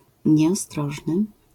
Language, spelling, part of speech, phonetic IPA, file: Polish, nieostrożny, adjective, [ˌɲɛɔˈstrɔʒnɨ], LL-Q809 (pol)-nieostrożny.wav